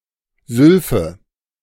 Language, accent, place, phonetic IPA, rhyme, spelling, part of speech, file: German, Germany, Berlin, [ˈzʏlfə], -ʏlfə, Sylphe, noun, De-Sylphe.ogg
- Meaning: sylph (the elemental being of air)